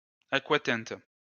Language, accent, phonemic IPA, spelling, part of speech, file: French, France, /a.kwa.tɛ̃t/, aquatinte, noun, LL-Q150 (fra)-aquatinte.wav
- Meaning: aquatint